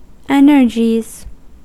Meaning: plural of energy
- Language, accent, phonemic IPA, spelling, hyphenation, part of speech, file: English, US, /ˈɛnɚd͡ʒiz/, energies, en‧er‧gies, noun, En-us-energies.ogg